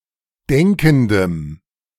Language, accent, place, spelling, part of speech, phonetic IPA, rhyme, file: German, Germany, Berlin, denkendem, adjective, [ˈdɛŋkn̩dəm], -ɛŋkn̩dəm, De-denkendem.ogg
- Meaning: strong dative masculine/neuter singular of denkend